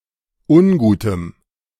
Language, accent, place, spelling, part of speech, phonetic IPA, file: German, Germany, Berlin, ungutem, adjective, [ˈʊnˌɡuːtəm], De-ungutem.ogg
- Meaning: strong dative masculine/neuter singular of ungut